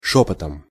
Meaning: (adverb) in a whisper; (noun) instrumental singular of шёпот (šópot)
- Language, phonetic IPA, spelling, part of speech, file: Russian, [ˈʂopətəm], шёпотом, adverb / noun, Ru-шёпотом.ogg